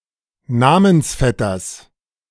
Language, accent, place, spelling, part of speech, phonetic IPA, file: German, Germany, Berlin, Namensvetters, noun, [ˈnamənsˌfɛtɐs], De-Namensvetters.ogg
- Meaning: genitive singular of Namensvetter